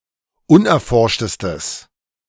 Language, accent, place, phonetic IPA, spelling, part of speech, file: German, Germany, Berlin, [ˈʊnʔɛɐ̯ˌfɔʁʃtəstəs], unerforschtestes, adjective, De-unerforschtestes.ogg
- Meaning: strong/mixed nominative/accusative neuter singular superlative degree of unerforscht